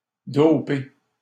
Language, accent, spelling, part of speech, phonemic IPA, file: French, Canada, doper, verb, /dɔ.pe/, LL-Q150 (fra)-doper.wav
- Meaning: 1. to dope; to do doping 2. to boost (one's performance by doping)